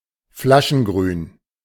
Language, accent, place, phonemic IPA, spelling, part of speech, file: German, Germany, Berlin, /ˈflaʃn̩ˌɡʁyːn/, flaschengrün, adjective, De-flaschengrün.ogg
- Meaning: bottle green